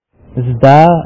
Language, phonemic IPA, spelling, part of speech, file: Pashto, /zd̪a/, زده, adjective, Ps-زده.oga
- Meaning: taught, learned